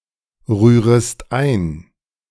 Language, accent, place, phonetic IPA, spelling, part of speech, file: German, Germany, Berlin, [ˌʁyːʁəst ˈaɪ̯n], rührest ein, verb, De-rührest ein.ogg
- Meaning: second-person singular subjunctive I of einrühren